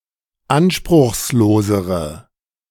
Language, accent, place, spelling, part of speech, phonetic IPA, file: German, Germany, Berlin, anspruchslosere, adjective, [ˈanʃpʁʊxsˌloːzəʁə], De-anspruchslosere.ogg
- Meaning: inflection of anspruchslos: 1. strong/mixed nominative/accusative feminine singular comparative degree 2. strong nominative/accusative plural comparative degree